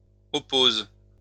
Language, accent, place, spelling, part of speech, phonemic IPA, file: French, France, Lyon, oppose, verb, /ɔ.poz/, LL-Q150 (fra)-oppose.wav
- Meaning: inflection of opposer: 1. first/third-person singular present indicative/subjunctive 2. second-person singular imperative